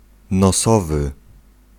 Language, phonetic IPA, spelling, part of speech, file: Polish, [nɔˈsɔvɨ], nosowy, adjective, Pl-nosowy.ogg